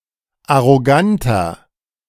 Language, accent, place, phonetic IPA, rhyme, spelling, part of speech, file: German, Germany, Berlin, [aʁoˈɡantɐ], -antɐ, arroganter, adjective, De-arroganter.ogg
- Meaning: inflection of arrogant: 1. strong/mixed nominative masculine singular 2. strong genitive/dative feminine singular 3. strong genitive plural